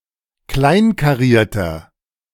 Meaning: 1. comparative degree of kleinkariert 2. inflection of kleinkariert: strong/mixed nominative masculine singular 3. inflection of kleinkariert: strong genitive/dative feminine singular
- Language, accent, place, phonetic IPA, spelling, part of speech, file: German, Germany, Berlin, [ˈklaɪ̯nkaˌʁiːɐ̯tɐ], kleinkarierter, adjective, De-kleinkarierter.ogg